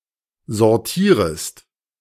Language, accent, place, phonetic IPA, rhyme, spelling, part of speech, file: German, Germany, Berlin, [zɔʁˈtiːʁəst], -iːʁəst, sortierest, verb, De-sortierest.ogg
- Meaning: second-person singular subjunctive I of sortieren